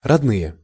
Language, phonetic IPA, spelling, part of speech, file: Russian, [rɐdˈnɨje], родные, adjective / noun, Ru-родные.ogg
- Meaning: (adjective) inflection of родно́й (rodnój): 1. plural nominative 2. inanimate plural accusative; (noun) relatives, kinsfolk, kin, the loved ones